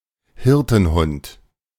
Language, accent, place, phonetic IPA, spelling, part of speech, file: German, Germany, Berlin, [ˈhɪʁtn̩ˌhʊnt], Hirtenhund, noun, De-Hirtenhund.ogg
- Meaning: shepherd dog, sheepdog